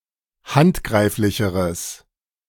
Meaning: strong/mixed nominative/accusative neuter singular comparative degree of handgreiflich
- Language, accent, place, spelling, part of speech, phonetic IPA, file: German, Germany, Berlin, handgreiflicheres, adjective, [ˈhantˌɡʁaɪ̯flɪçəʁəs], De-handgreiflicheres.ogg